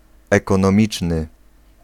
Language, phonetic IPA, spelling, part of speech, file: Polish, [ˌɛkɔ̃nɔ̃ˈmʲit͡ʃnɨ], ekonomiczny, adjective, Pl-ekonomiczny.ogg